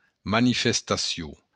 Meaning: 1. manifestation 2. demonstration
- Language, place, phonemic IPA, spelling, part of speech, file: Occitan, Béarn, /ma.ni.fes.taˈsju/, manifestacion, noun, LL-Q14185 (oci)-manifestacion.wav